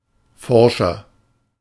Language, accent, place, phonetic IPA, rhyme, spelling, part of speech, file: German, Germany, Berlin, [ˈfɔʁʃɐ], -ɔʁʃɐ, forscher, adjective, De-forscher.ogg
- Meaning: inflection of forsch: 1. strong/mixed nominative masculine singular 2. strong genitive/dative feminine singular 3. strong genitive plural